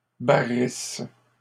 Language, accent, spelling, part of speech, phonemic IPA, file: French, Canada, barrisses, verb, /ba.ʁis/, LL-Q150 (fra)-barrisses.wav
- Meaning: second-person singular present/imperfect subjunctive of barrir